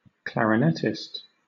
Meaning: Someone who plays the clarinet
- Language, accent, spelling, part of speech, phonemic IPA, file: English, Southern England, clarinetist, noun, /ˌklæɹɪˈnɛtɪst/, LL-Q1860 (eng)-clarinetist.wav